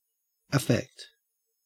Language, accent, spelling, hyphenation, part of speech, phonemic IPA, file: English, Australia, affect, af‧fect, verb, /əˈfekt/, En-au-affect.ogg
- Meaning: 1. To influence or alter 2. To move to emotion 3. Of an illness or condition, to infect or harm (a part of the body) 4. To dispose or incline 5. To tend to by affinity or disposition